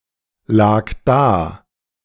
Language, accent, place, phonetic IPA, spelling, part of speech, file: German, Germany, Berlin, [ˌlaːk ˈdaː], lag da, verb, De-lag da.ogg
- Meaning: first/third-person singular preterite of daliegen